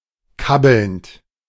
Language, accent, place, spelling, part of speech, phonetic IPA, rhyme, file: German, Germany, Berlin, kabbelnd, verb, [ˈkabl̩nt], -abl̩nt, De-kabbelnd.ogg
- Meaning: present participle of kabbeln